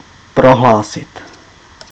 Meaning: to declare, pronounce, announce, state
- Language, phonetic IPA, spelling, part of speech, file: Czech, [ˈproɦlaːsɪt], prohlásit, verb, Cs-prohlásit.ogg